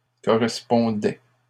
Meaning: first/second-person singular imperfect indicative of correspondre
- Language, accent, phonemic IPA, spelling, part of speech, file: French, Canada, /kɔ.ʁɛs.pɔ̃.dɛ/, correspondais, verb, LL-Q150 (fra)-correspondais.wav